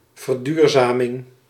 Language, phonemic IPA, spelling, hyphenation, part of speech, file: Dutch, /vərˈdyːr.zaː.mɪŋ/, verduurzaming, ver‧duur‧za‧ming, noun, Nl-verduurzaming.ogg
- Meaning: 1. the process of becoming more sustainable 2. a policy for increasing sustainability